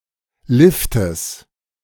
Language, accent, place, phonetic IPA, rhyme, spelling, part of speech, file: German, Germany, Berlin, [ˈlɪftəs], -ɪftəs, Liftes, noun, De-Liftes.ogg
- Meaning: genitive singular of Lift